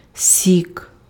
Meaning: 1. juice 2. sap (the juice of plants)
- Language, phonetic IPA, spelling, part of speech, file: Ukrainian, [sʲik], сік, noun, Uk-сік.ogg